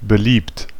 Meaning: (verb) past participle of belieben; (adjective) 1. popular 2. admired
- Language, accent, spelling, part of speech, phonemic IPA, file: German, Germany, beliebt, verb / adjective, /bəˈliːpt/, De-beliebt.ogg